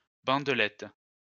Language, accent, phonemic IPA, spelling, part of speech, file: French, France, /bɑ̃d.lɛt/, bandelette, noun, LL-Q150 (fra)-bandelette.wav
- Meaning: bandage